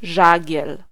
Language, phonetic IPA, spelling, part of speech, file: Polish, [ˈʒaɟɛl], żagiel, noun, Pl-żagiel.ogg